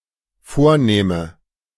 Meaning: first/third-person singular dependent subjunctive II of vornehmen
- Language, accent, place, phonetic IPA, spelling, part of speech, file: German, Germany, Berlin, [ˈfoːɐ̯ˌnɛːmə], vornähme, verb, De-vornähme.ogg